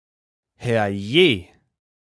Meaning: 1. geez 2. oh my goodness! 3. oh for heaven's sake!
- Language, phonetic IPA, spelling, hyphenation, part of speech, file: German, [hɛʁˈjeː], herrje, herr‧je, interjection, De-herrje.ogg